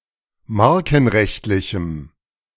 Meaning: strong dative masculine/neuter singular of markenrechtlich
- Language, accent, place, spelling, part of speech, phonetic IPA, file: German, Germany, Berlin, markenrechtlichem, adjective, [ˈmaʁkn̩ˌʁɛçtlɪçm̩], De-markenrechtlichem.ogg